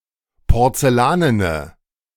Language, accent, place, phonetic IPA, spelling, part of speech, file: German, Germany, Berlin, [pɔʁt͡sɛˈlaːnənə], porzellanene, adjective, De-porzellanene.ogg
- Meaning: inflection of porzellanen: 1. strong/mixed nominative/accusative feminine singular 2. strong nominative/accusative plural 3. weak nominative all-gender singular